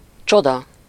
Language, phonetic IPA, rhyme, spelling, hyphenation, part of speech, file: Hungarian, [ˈt͡ʃodɒ], -dɒ, csoda, cso‧da, noun, Hu-csoda.ogg
- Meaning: miracle, wonder